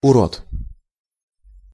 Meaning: 1. monster 2. ugly creature
- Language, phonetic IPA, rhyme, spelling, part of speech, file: Russian, [ʊˈrot], -ot, урод, noun, Ru-урод.ogg